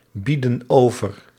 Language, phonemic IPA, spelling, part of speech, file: Dutch, /ˈbidə(n) ˈovər/, bieden over, verb, Nl-bieden over.ogg
- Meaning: inflection of overbieden: 1. plural present indicative 2. plural present subjunctive